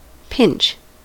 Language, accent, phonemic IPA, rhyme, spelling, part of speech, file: English, US, /pɪnt͡ʃ/, -ɪntʃ, pinch, verb / noun, En-us-pinch.ogg
- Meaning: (verb) 1. To squeeze a small amount of a person's skin and flesh, making it hurt 2. To squeeze between the thumb and forefinger 3. To squeeze between two objects